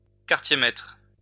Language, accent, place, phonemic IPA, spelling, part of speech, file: French, France, Lyon, /kaʁ.tje.mɛtʁ/, quartier-maître, noun, LL-Q150 (fra)-quartier-maître.wav
- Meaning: quartermaster, rank equivalent to corporal